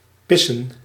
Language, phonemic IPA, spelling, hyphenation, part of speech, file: Dutch, /ˈpɪ.sə(n)/, pissen, pis‧sen, verb, Nl-pissen.ogg
- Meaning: to piss